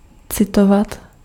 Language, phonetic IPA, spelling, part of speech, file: Czech, [ˈt͡sɪtovat], citovat, verb, Cs-citovat.ogg
- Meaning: 1. to quote, to cite (to repeat, as a passage from a book, or the words of another) 2. to cite (to list the sources from which an author used information, words or literary or verbal context from)